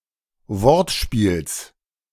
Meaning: genitive singular of Wortspiel
- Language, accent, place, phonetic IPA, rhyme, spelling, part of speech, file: German, Germany, Berlin, [ˈvɔʁtˌʃpiːls], -ɔʁtʃpiːls, Wortspiels, noun, De-Wortspiels.ogg